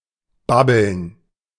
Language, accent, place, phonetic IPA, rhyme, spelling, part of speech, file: German, Germany, Berlin, [ˈbabl̩n], -abl̩n, babbeln, verb, De-babbeln.ogg
- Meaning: 1. to blubber; blabber (talk incoherently) 2. to babble (to talk a lot)